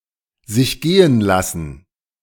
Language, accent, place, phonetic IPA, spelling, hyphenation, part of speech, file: German, Germany, Berlin, [zɪç ˈɡeːən ˌlasn̩], sich gehen lassen, sich ge‧hen las‧sen, verb, De-sich gehen lassen.ogg
- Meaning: to let oneself go (to cease to care about one's appearance)